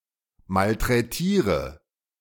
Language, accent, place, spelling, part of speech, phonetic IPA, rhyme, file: German, Germany, Berlin, malträtiere, verb, [maltʁɛˈtiːʁə], -iːʁə, De-malträtiere.ogg
- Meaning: inflection of malträtieren: 1. first-person singular present 2. singular imperative 3. first/third-person singular subjunctive I